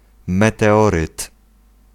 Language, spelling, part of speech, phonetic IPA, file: Polish, meteoryt, noun, [ˌmɛtɛˈɔrɨt], Pl-meteoryt.ogg